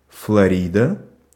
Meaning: 1. Florida (a state of the United States) 2. a female given name, equivalent to English Florida
- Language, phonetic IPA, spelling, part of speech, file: Russian, [fɫɐˈrʲidə], Флорида, proper noun, Ru-Флорида.ogg